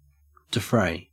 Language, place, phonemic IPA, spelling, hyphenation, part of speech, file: English, Queensland, /dɪˈfɹæɪ/, defray, de‧fray, verb, En-au-defray.ogg
- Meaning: 1. To pay or discharge (a debt, expense etc.); to meet (the cost of something) 2. To pay for (something) 3. To spend (money)